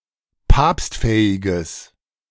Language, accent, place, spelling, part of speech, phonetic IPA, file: German, Germany, Berlin, papstfähiges, adjective, [ˈpaːpstˌfɛːɪɡəs], De-papstfähiges.ogg
- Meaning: strong/mixed nominative/accusative neuter singular of papstfähig